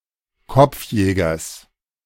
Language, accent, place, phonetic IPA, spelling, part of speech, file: German, Germany, Berlin, [ˈkɔp͡fˌjɛːɡɐs], Kopfjägers, noun, De-Kopfjägers.ogg
- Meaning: genitive singular of Kopfjäger